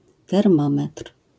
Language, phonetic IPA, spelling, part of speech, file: Polish, [tɛrˈmɔ̃mɛtr̥], termometr, noun, LL-Q809 (pol)-termometr.wav